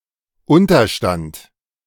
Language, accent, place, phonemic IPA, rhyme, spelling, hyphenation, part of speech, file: German, Germany, Berlin, /ˈʊntɐˌʃtant/, -ant, Unterstand, Un‧ter‧stand, noun, De-Unterstand.ogg
- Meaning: 1. help, subsidy, prop, support 2. shelter, bunker, any place in or under which one is protected from adversities from above 3. subject, as the particularly philosophical antipode of “object”